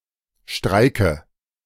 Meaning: 1. dative of Streik 2. plural of Streik
- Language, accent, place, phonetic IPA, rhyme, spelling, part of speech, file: German, Germany, Berlin, [ˈʃtʁaɪ̯kə], -aɪ̯kə, Streike, noun, De-Streike.ogg